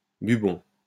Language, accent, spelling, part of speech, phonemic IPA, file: French, France, bubon, noun, /by.bɔ̃/, LL-Q150 (fra)-bubon.wav
- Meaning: bubo